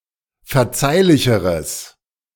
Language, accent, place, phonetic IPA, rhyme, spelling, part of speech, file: German, Germany, Berlin, [fɛɐ̯ˈt͡saɪ̯lɪçəʁəs], -aɪ̯lɪçəʁəs, verzeihlicheres, adjective, De-verzeihlicheres.ogg
- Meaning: strong/mixed nominative/accusative neuter singular comparative degree of verzeihlich